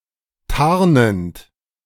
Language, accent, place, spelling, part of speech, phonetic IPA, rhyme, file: German, Germany, Berlin, tarnend, verb, [ˈtaʁnənt], -aʁnənt, De-tarnend.ogg
- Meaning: present participle of tarnen